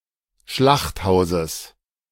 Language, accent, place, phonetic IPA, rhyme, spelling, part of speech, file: German, Germany, Berlin, [ˈʃlaxtˌhaʊ̯zəs], -axthaʊ̯zəs, Schlachthauses, noun, De-Schlachthauses.ogg
- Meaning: genitive singular of Schlachthaus